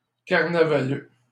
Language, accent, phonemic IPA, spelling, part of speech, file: French, Canada, /kaʁ.na.va.lø/, carnavaleux, noun, LL-Q150 (fra)-carnavaleux.wav
- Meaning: carnival-goer